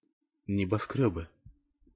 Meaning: nominative/accusative plural of небоскрёб (neboskrjób)
- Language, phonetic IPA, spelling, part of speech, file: Russian, [nʲɪbɐˈskrʲɵbɨ], небоскрёбы, noun, Ru-небоскрёбы.ogg